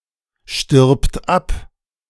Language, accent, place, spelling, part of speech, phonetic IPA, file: German, Germany, Berlin, stirbt ab, verb, [ʃtɪʁpt ˈap], De-stirbt ab.ogg
- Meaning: third-person singular present of absterben